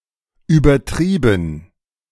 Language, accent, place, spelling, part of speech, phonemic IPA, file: German, Germany, Berlin, übertrieben, verb / adjective / adverb / interjection, /ˌyːbɐˈtʁiːbn̩/, De-übertrieben.ogg
- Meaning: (verb) past participle of übertreiben; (adjective) exaggerated; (adverb) very, inordinately; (interjection) big man ting